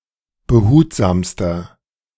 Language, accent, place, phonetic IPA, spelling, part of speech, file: German, Germany, Berlin, [bəˈhuːtzaːmstɐ], behutsamster, adjective, De-behutsamster.ogg
- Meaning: inflection of behutsam: 1. strong/mixed nominative masculine singular superlative degree 2. strong genitive/dative feminine singular superlative degree 3. strong genitive plural superlative degree